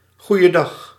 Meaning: alternative spelling of goedendag
- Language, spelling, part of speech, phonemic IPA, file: Dutch, goeiedag, interjection, /ɣu.jə.ˈdɑx/, Nl-goeiedag.ogg